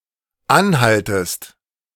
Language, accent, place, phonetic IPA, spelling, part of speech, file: German, Germany, Berlin, [ˈanˌhaltəst], anhaltest, verb, De-anhaltest.ogg
- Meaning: second-person singular dependent subjunctive I of anhalten